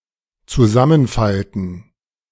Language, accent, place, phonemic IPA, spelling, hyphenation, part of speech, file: German, Germany, Berlin, /t͡suˈzamənˌfaltn̩/, zusammenfalten, zu‧sam‧men‧fal‧ten, verb, De-zusammenfalten.ogg
- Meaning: to fold up